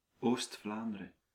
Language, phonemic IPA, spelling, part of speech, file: Dutch, /oːs(t).ˈflaːn.də.rə(n)/, Oost-Vlaanderen, proper noun, Nl-Oost-Vlaanderen.ogg
- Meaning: East Flanders (a province of Belgium)